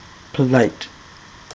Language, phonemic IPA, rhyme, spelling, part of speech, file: English, /pəˈlaɪt/, -aɪt, polite, adjective / verb, En-polite.ogg
- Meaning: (adjective) 1. Well-mannered, civilized 2. Smooth, polished, burnished; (verb) To polish; to refine; to render polite